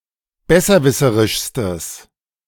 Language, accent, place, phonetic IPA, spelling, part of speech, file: German, Germany, Berlin, [ˈbɛsɐˌvɪsəʁɪʃstəs], besserwisserischstes, adjective, De-besserwisserischstes.ogg
- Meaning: strong/mixed nominative/accusative neuter singular superlative degree of besserwisserisch